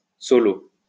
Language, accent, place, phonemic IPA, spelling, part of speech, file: French, France, Lyon, /sɔ.lo/, solo, noun, LL-Q150 (fra)-solo.wav
- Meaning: solo (a piece of music for one performer)